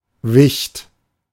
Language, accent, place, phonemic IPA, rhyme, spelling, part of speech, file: German, Germany, Berlin, /vɪçt/, -ɪçt, Wicht, noun, De-Wicht.ogg
- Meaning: 1. a small creature, particularly a goblin, sprite, leprechaun, kobold 2. a cheeky one; a rascal 3. one who is mean but unimportant 4. dwarf, little man